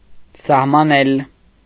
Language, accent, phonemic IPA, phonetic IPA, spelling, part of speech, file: Armenian, Eastern Armenian, /sɑhmɑˈnel/, [sɑhmɑnél], սահմանել, verb, Hy-սահմանել.ogg
- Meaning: to define, determine